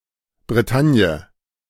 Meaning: 1. Brittany (a cultural region, historical province, and peninsula in northwest France) 2. Brittany (an administrative region of northwest France, including most of the historic region of Brittany)
- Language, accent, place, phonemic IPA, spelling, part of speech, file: German, Germany, Berlin, /breˈtanjə/, Bretagne, proper noun, De-Bretagne.ogg